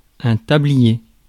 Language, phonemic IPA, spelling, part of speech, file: French, /ta.bli.je/, tablier, noun, Fr-tablier.ogg
- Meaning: 1. apron 2. pinafore 3. a gameboard 4. a rigid panel or board 5. the deck of a bridge